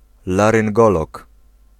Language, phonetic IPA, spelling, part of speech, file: Polish, [ˌlarɨ̃ŋˈɡɔlɔk], laryngolog, noun, Pl-laryngolog.ogg